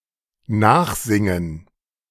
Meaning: to repeat (i.e. a song)
- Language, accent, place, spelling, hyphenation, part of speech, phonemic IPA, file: German, Germany, Berlin, nachsingen, nach‧sin‧gen, verb, /ˈnaːxˌzɪŋən/, De-nachsingen.ogg